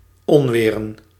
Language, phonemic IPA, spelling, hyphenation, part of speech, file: Dutch, /ˈɔnˌʋeː.rə(n)/, onweren, on‧we‧ren, verb / noun, Nl-onweren.ogg
- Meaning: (verb) to have a thunderstorm in progress; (noun) plural of onweer